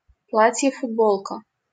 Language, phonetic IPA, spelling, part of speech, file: Russian, [fʊdˈboɫkə], футболка, noun, LL-Q7737 (rus)-футболка.wav
- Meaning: T-shirt (type of shirt)